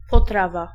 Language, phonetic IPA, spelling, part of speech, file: Polish, [pɔˈtrava], potrawa, noun, Pl-potrawa.ogg